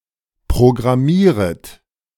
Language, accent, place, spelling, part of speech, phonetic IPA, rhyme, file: German, Germany, Berlin, programmieret, verb, [pʁoɡʁaˈmiːʁət], -iːʁət, De-programmieret.ogg
- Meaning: second-person plural subjunctive I of programmieren